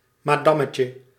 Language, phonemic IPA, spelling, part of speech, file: Dutch, /maˈdɑməcə/, madammetje, noun, Nl-madammetje.ogg
- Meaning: diminutive of madam